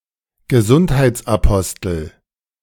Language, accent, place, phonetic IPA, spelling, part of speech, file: German, Germany, Berlin, [ɡəˈzʊnthaɪ̯t͡sʔaˌpɔstl̩], Gesundheitsapostel, noun, De-Gesundheitsapostel.ogg
- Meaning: health freak